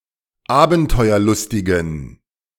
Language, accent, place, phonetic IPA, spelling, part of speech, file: German, Germany, Berlin, [ˈaːbn̩tɔɪ̯ɐˌlʊstɪɡn̩], abenteuerlustigen, adjective, De-abenteuerlustigen.ogg
- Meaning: inflection of abenteuerlustig: 1. strong genitive masculine/neuter singular 2. weak/mixed genitive/dative all-gender singular 3. strong/weak/mixed accusative masculine singular 4. strong dative plural